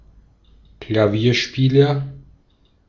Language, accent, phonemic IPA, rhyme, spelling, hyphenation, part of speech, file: German, Austria, /klaˈviːɐ̯ˌʃpiːlɐ/, -iːlɐ, Klavierspieler, Kla‧vier‧spie‧ler, noun, De-at-Klavierspieler.ogg
- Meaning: piano player, pianist (male or of unspecified sex)